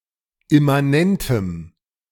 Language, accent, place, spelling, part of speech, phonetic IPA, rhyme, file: German, Germany, Berlin, immanentem, adjective, [ɪmaˈnɛntəm], -ɛntəm, De-immanentem.ogg
- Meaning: strong dative masculine/neuter singular of immanent